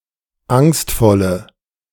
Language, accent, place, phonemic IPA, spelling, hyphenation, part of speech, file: German, Germany, Berlin, /ˈaŋstfɔlə/, angstvolle, angst‧vol‧le, adjective, De-angstvolle.ogg
- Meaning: inflection of angstvoll: 1. strong/mixed nominative/accusative feminine singular 2. strong nominative/accusative plural 3. weak nominative all-gender singular